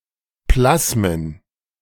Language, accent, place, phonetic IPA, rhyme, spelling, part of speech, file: German, Germany, Berlin, [ˈplasmən], -asmən, Plasmen, noun, De-Plasmen.ogg
- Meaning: plural of Plasma